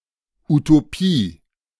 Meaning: utopia
- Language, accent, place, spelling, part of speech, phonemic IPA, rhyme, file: German, Germany, Berlin, Utopie, noun, /utoˈpiː/, -iː, De-Utopie.ogg